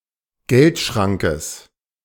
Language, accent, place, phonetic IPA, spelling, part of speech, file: German, Germany, Berlin, [ˈɡɛltˌʃʁaŋkəs], Geldschrankes, noun, De-Geldschrankes.ogg
- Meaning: genitive singular of Geldschrank